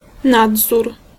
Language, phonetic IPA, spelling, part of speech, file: Polish, [ˈnadzur], nadzór, noun, Pl-nadzór.ogg